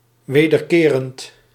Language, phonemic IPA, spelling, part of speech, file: Dutch, /ˌʋeːdərˈkeːrənt/, wederkerend, adjective, Nl-wederkerend.ogg
- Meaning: reflexive (of a pronoun referring back to the subject, or of a verb requiring such a pronoun)